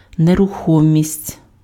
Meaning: 1. immobility, immovability, stationariness, motionlessness 2. real estate, realty, real property, immovable property
- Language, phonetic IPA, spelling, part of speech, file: Ukrainian, [nerʊˈxɔmʲisʲtʲ], нерухомість, noun, Uk-нерухомість.ogg